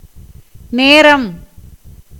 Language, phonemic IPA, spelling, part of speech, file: Tamil, /neːɾɐm/, நேரம், noun, Ta-நேரம்.ogg
- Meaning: 1. time 2. situation